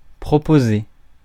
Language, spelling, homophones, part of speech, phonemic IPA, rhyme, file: French, proposer, proposai / proposé / proposée / proposées / proposés / proposez, verb, /pʁɔ.po.ze/, -e, Fr-proposer.ogg
- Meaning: 1. to propose, suggest 2. to propose (offer)